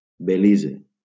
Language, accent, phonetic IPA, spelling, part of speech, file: Catalan, Valencia, [beˈli.ze], Belize, proper noun, LL-Q7026 (cat)-Belize.wav
- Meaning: Belize (an English-speaking country in Central America, formerly called British Honduras)